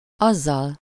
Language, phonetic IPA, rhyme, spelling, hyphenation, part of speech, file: Hungarian, [ˈɒzːɒl], -ɒl, azzal, az‧zal, pronoun / adverb, Hu-azzal.ogg
- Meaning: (pronoun) instrumental singular of az; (adverb) thereupon, after that, with that (after the action in question)